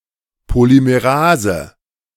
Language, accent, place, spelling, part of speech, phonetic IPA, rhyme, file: German, Germany, Berlin, Polymerase, noun, [polimeˈʁaːzə], -aːzə, De-Polymerase.ogg
- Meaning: polymerase